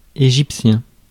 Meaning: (adjective) of Egypt; Egyptian; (noun) Egyptian, the Egyptian language
- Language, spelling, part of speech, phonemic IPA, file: French, égyptien, adjective / noun, /e.ʒip.sjɛ̃/, Fr-égyptien.ogg